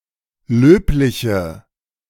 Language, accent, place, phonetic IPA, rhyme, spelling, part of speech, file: German, Germany, Berlin, [ˈløːplɪçə], -øːplɪçə, löbliche, adjective, De-löbliche.ogg
- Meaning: inflection of löblich: 1. strong/mixed nominative/accusative feminine singular 2. strong nominative/accusative plural 3. weak nominative all-gender singular 4. weak accusative feminine/neuter singular